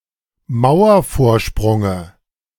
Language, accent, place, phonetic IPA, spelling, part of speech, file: German, Germany, Berlin, [ˈmaʊ̯ɐfoːɐ̯ˌʃpʁʊŋə], Mauervorsprunge, noun, De-Mauervorsprunge.ogg
- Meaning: dative singular of Mauervorsprung